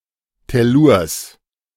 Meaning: genitive singular of Tellur
- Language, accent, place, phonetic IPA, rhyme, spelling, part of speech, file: German, Germany, Berlin, [tɛˈluːɐ̯s], -uːɐ̯s, Tellurs, noun, De-Tellurs.ogg